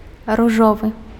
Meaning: pink
- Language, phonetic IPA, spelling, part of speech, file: Belarusian, [ruˈʐovɨ], ружовы, adjective, Be-ружовы.ogg